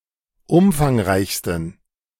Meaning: 1. superlative degree of umfangreich 2. inflection of umfangreich: strong genitive masculine/neuter singular superlative degree
- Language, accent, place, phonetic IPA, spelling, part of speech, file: German, Germany, Berlin, [ˈʊmfaŋˌʁaɪ̯çstn̩], umfangreichsten, adjective, De-umfangreichsten.ogg